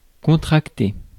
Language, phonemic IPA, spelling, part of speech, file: French, /kɔ̃.tʁak.te/, contracter, verb, Fr-contracter.ogg
- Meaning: 1. to engage via a formal or informal contract; to contract 2. to contract a disease; to develop or acquire a bad habit 3. to reduce the volume or size 4. to reduce its own size